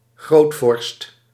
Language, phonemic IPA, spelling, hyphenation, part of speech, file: Dutch, /ˈɣroːt.fɔrst/, grootvorst, groot‧vorst, noun, Nl-grootvorst.ogg
- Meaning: 1. the princely ruler's title grand prince 2. any great ruler, as of a mighty empire 3. a master, champion in some discipline